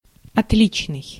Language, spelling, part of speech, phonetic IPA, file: Russian, отличный, adjective, [ɐtˈlʲit͡ɕnɨj], Ru-отличный.ogg
- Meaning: 1. different 2. excellent, perfect, first-class, first-rate, prime